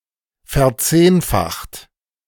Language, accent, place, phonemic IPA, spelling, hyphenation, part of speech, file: German, Germany, Berlin, /fɛɐ̯ˈt͡seːnfaxt/, verzehnfacht, ver‧zehn‧facht, verb, De-verzehnfacht.ogg
- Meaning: 1. past participle of verzehnfachen 2. inflection of verzehnfachen: second-person plural present 3. inflection of verzehnfachen: third-person singular present